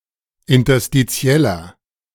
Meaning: inflection of interstitiell: 1. strong/mixed nominative masculine singular 2. strong genitive/dative feminine singular 3. strong genitive plural
- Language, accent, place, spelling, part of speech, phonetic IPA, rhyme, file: German, Germany, Berlin, interstitieller, adjective, [ɪntɐstiˈt͡si̯ɛlɐ], -ɛlɐ, De-interstitieller.ogg